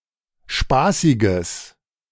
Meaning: strong/mixed nominative/accusative neuter singular of spaßig
- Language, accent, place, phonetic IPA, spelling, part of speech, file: German, Germany, Berlin, [ˈʃpaːsɪɡəs], spaßiges, adjective, De-spaßiges.ogg